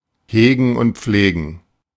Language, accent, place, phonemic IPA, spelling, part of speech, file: German, Germany, Berlin, /ˈheːɡn̩ ʊnt ˈp͡fleːɡn̩/, hegen und pflegen, verb, De-hegen und pflegen.ogg
- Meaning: 1. to care for deeply 2. to maintain well